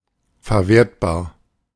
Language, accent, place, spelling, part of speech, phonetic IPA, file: German, Germany, Berlin, verwertbar, adjective, [fɛɐ̯ˈveːɐ̯tbaːɐ̯], De-verwertbar.ogg
- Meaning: 1. usable, applicable 2. realizable, exploitable